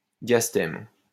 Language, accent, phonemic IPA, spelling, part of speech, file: French, France, /djas.tɛm/, diastème, noun, LL-Q150 (fra)-diastème.wav
- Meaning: diastema, gap between teeth